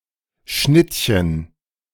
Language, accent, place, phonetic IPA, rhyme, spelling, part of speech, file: German, Germany, Berlin, [ˈʃnɪtçən], -ɪtçən, Schnittchen, noun, De-Schnittchen.ogg
- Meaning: 1. canapé, open sandwich 2. looker, catch, hottie (sexually attractive person)